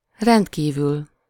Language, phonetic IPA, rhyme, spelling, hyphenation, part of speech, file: Hungarian, [ˈrɛntkiːvyl], -yl, rendkívül, rend‧kí‧vül, adverb, Hu-rendkívül.ogg
- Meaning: highly, extraordinarily, extremely